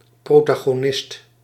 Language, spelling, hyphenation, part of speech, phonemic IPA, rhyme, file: Dutch, protagonist, pro‧ta‧go‧nist, noun, /ˌproː.taː.ɣoːˈnɪst/, -ɪst, Nl-protagonist.ogg
- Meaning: 1. protagonist, main character 2. champion (defender of a cause)